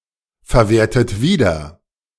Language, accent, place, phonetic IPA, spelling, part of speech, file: German, Germany, Berlin, [fɛɐ̯ˌveːɐ̯tət ˈviːdɐ], verwertet wieder, verb, De-verwertet wieder.ogg
- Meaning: inflection of wiederverwerten: 1. second-person plural present 2. third-person singular present 3. plural imperative